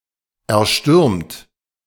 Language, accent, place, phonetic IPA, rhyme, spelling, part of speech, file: German, Germany, Berlin, [ɛɐ̯ˈʃtʏʁmt], -ʏʁmt, erstürmt, verb, De-erstürmt.ogg
- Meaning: 1. past participle of erstürmen 2. inflection of erstürmen: second-person plural present 3. inflection of erstürmen: third-person singular present 4. inflection of erstürmen: plural imperative